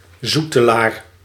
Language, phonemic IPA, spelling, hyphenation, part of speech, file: Dutch, /ˈzu.təˌlaːr/, zoetelaar, zoe‧te‧laar, noun, Nl-zoetelaar.ogg
- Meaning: sutler